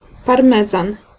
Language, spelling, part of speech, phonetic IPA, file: Polish, parmezan, noun, [parˈmɛzãn], Pl-parmezan.ogg